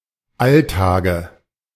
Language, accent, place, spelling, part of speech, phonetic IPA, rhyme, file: German, Germany, Berlin, Alltage, noun, [ˈaltaːɡə], -altaːɡə, De-Alltage.ogg
- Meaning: dative singular of Alltag